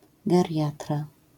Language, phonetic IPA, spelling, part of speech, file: Polish, [ɡɛrʲˈjatra], geriatra, noun, LL-Q809 (pol)-geriatra.wav